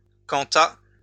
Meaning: 1. as for 2. according to
- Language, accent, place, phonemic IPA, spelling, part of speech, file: French, France, Lyon, /kɑ̃.t‿a/, quant à, preposition, LL-Q150 (fra)-quant à.wav